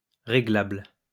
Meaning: adjustable
- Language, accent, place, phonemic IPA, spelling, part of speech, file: French, France, Lyon, /ʁe.ɡlabl/, réglable, adjective, LL-Q150 (fra)-réglable.wav